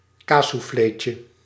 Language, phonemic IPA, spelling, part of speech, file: Dutch, /ˈkasuˌflecə/, kaassouffleetje, noun, Nl-kaassouffleetje.ogg
- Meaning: diminutive of kaassoufflé